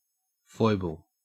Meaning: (noun) 1. A quirk, idiosyncrasy, frailty, or mannerism; an unusual habit that is slightly strange or silly 2. A weakness or failing of character
- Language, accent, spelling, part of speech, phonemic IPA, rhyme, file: English, Australia, foible, noun / adjective, /ˈfɔɪbəl/, -ɔɪbəl, En-au-foible.ogg